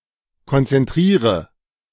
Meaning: inflection of konzentrieren: 1. first-person singular present 2. singular imperative 3. first/third-person singular subjunctive I
- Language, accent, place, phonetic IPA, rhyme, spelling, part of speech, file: German, Germany, Berlin, [kɔnt͡sɛnˈtʁiːʁə], -iːʁə, konzentriere, verb, De-konzentriere.ogg